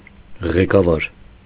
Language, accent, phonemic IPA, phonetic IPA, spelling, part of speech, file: Armenian, Eastern Armenian, /ʁekɑˈvɑɾ/, [ʁekɑvɑ́ɾ], ղեկավար, noun, Hy-ղեկավար.ogg
- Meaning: 1. leader; manager; chief; head; director 2. steersman, helmsman